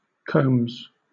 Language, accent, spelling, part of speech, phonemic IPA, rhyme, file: English, Southern England, combs, noun / verb, /kəʊmz/, -əʊmz, LL-Q1860 (eng)-combs.wav
- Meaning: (noun) plural of comb; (verb) third-person singular simple present indicative of comb